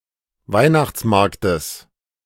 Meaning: genitive singular of Weihnachtsmarkt
- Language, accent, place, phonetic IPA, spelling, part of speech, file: German, Germany, Berlin, [ˈvaɪ̯naxt͡sˌmaʁktəs], Weihnachtsmarktes, noun, De-Weihnachtsmarktes.ogg